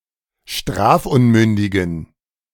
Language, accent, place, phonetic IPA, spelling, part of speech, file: German, Germany, Berlin, [ˈʃtʁaːfˌʔʊnmʏndɪɡn̩], strafunmündigen, adjective, De-strafunmündigen.ogg
- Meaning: inflection of strafunmündig: 1. strong genitive masculine/neuter singular 2. weak/mixed genitive/dative all-gender singular 3. strong/weak/mixed accusative masculine singular 4. strong dative plural